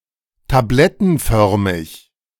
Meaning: tablet-shaped (small, flat and cylindrical)
- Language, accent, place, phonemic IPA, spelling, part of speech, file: German, Germany, Berlin, /taˈblɛtn̩ˌfœʁmɪç/, tablettenförmig, adjective, De-tablettenförmig.ogg